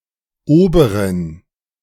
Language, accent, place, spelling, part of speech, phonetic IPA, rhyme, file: German, Germany, Berlin, oberen, adjective, [ˈoːbəʁən], -oːbəʁən, De-oberen.ogg
- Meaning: inflection of oberer: 1. strong genitive masculine/neuter singular 2. weak/mixed genitive/dative all-gender singular 3. strong/weak/mixed accusative masculine singular 4. strong dative plural